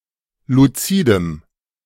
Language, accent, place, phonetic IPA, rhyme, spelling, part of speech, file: German, Germany, Berlin, [luˈt͡siːdəm], -iːdəm, luzidem, adjective, De-luzidem.ogg
- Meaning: strong dative masculine/neuter singular of luzid